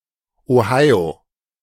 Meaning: Ohio (a state of the United States)
- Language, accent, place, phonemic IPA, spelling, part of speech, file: German, Germany, Berlin, /oˈhaɪ̯o/, Ohio, proper noun, De-Ohio.ogg